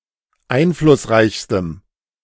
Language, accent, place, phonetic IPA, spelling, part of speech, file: German, Germany, Berlin, [ˈaɪ̯nflʊsˌʁaɪ̯çstəm], einflussreichstem, adjective, De-einflussreichstem.ogg
- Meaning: strong dative masculine/neuter singular superlative degree of einflussreich